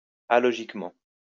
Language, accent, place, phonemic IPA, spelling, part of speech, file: French, France, Lyon, /a.lɔ.ʒik.mɑ̃/, alogiquement, adverb, LL-Q150 (fra)-alogiquement.wav
- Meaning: alogically (without logic)